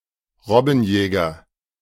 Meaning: seal hunter, sealer
- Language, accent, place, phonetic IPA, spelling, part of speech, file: German, Germany, Berlin, [ˈʁɔbn̩ˌjɛːɡɐ], Robbenjäger, noun, De-Robbenjäger.ogg